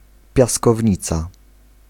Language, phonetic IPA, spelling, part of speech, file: Polish, [ˌpʲjaskɔvʲˈɲit͡sa], piaskownica, noun, Pl-piaskownica.ogg